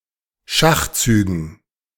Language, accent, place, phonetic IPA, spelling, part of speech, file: German, Germany, Berlin, [ˈʃaxˌt͡syːɡn̩], Schachzügen, noun, De-Schachzügen.ogg
- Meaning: dative plural of Schachzug